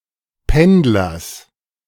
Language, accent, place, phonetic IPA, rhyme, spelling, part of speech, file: German, Germany, Berlin, [ˈpɛndlɐs], -ɛndlɐs, Pendlers, noun, De-Pendlers.ogg
- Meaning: genitive singular of Pendler